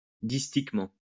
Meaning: distichously
- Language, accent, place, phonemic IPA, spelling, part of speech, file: French, France, Lyon, /dis.tik.mɑ̃/, distiquement, adverb, LL-Q150 (fra)-distiquement.wav